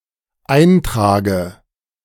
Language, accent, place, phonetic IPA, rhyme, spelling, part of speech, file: German, Germany, Berlin, [ˈaɪ̯nˌtʁaːɡə], -aɪ̯ntʁaːɡə, eintrage, verb, De-eintrage.ogg
- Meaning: inflection of eintragen: 1. first-person singular dependent present 2. first/third-person singular dependent subjunctive I